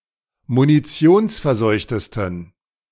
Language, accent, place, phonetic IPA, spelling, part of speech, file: German, Germany, Berlin, [muniˈt͡si̯oːnsfɛɐ̯ˌzɔɪ̯çtəstn̩], munitionsverseuchtesten, adjective, De-munitionsverseuchtesten.ogg
- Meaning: 1. superlative degree of munitionsverseucht 2. inflection of munitionsverseucht: strong genitive masculine/neuter singular superlative degree